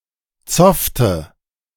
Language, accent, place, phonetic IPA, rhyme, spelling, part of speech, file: German, Germany, Berlin, [ˈt͡sɔftə], -ɔftə, zoffte, verb, De-zoffte.ogg
- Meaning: inflection of zoffen: 1. first/third-person singular preterite 2. first/third-person singular subjunctive II